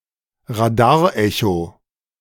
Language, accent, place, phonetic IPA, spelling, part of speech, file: German, Germany, Berlin, [ʁaˈdaːɐ̯ˌʔɛço], Radarecho, noun, De-Radarecho.ogg
- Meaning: radar echo